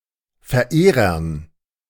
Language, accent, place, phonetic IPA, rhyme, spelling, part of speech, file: German, Germany, Berlin, [fɛɐ̯ˈʔeːʁɐn], -eːʁɐn, Verehrern, noun, De-Verehrern.ogg
- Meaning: dative plural of Verehrer